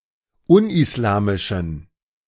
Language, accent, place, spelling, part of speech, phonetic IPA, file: German, Germany, Berlin, unislamischen, adjective, [ˈʊnʔɪsˌlaːmɪʃn̩], De-unislamischen.ogg
- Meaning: inflection of unislamisch: 1. strong genitive masculine/neuter singular 2. weak/mixed genitive/dative all-gender singular 3. strong/weak/mixed accusative masculine singular 4. strong dative plural